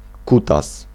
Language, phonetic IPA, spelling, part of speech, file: Polish, [ˈkutas], kutas, noun, Pl-kutas.ogg